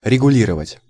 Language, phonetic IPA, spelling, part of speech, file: Russian, [rʲɪɡʊˈlʲirəvətʲ], регулировать, verb, Ru-регулировать.ogg
- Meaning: 1. to regulate, to control 2. to adjust, to tune up